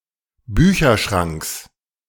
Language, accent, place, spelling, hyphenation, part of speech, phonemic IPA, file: German, Germany, Berlin, Bücherschranks, Bü‧cher‧schranks, noun, /ˈbyːçɐˌʃʁaŋks/, De-Bücherschranks.ogg
- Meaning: genitive singular of Bücherschrank